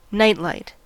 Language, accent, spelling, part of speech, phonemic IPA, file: English, US, nightlight, noun, /ˈnaɪtˌlaɪt/, En-us-nightlight.ogg
- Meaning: 1. A small, dim light or lamp left on overnight 2. Light that shines at night, such as moonlight or starlight